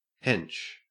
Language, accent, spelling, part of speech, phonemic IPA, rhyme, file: English, Australia, hench, noun / verb / adjective, /hɛnt͡ʃ/, -ɛntʃ, En-au-hench.ogg
- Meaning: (noun) 1. The narrow side of chimney stack, a haunch 2. The side of an arch from the topmost part (crown) to the bottommost part (impost) 3. A limp; lameness; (verb) To halt or limp